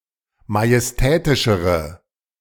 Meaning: inflection of majestätisch: 1. strong/mixed nominative/accusative feminine singular comparative degree 2. strong nominative/accusative plural comparative degree
- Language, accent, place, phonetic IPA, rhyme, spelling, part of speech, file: German, Germany, Berlin, [majɛsˈtɛːtɪʃəʁə], -ɛːtɪʃəʁə, majestätischere, adjective, De-majestätischere.ogg